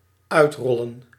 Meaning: to roll out, to unroll
- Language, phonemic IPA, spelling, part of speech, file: Dutch, /ˈœytrɔllə(n)/, uitrollen, verb, Nl-uitrollen.ogg